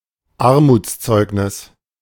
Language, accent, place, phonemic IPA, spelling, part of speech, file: German, Germany, Berlin, /ˈaʁmuːt͡sˌt͡sɔɪ̯knɪs/, Armutszeugnis, noun, De-Armutszeugnis.ogg
- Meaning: 1. certificate of poverty 2. grave, damning indictment; a poor show